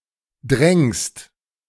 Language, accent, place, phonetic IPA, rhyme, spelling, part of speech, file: German, Germany, Berlin, [dʁɛŋst], -ɛŋst, drängst, verb, De-drängst.ogg
- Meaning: second-person singular present of drängen